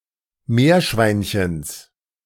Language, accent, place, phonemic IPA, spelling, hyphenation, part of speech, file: German, Germany, Berlin, /ˈmeːɐ̯ˌʃvaɪ̯nçəns/, Meerschweinchens, Meer‧schwein‧chens, noun, De-Meerschweinchens.ogg
- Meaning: genitive singular of Meerschweinchen